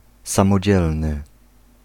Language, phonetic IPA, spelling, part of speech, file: Polish, [ˌsãmɔˈd͡ʑɛlnɨ], samodzielny, adjective, Pl-samodzielny.ogg